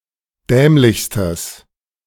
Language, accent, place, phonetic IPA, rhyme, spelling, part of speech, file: German, Germany, Berlin, [ˈdɛːmlɪçstəs], -ɛːmlɪçstəs, dämlichstes, adjective, De-dämlichstes.ogg
- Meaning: strong/mixed nominative/accusative neuter singular superlative degree of dämlich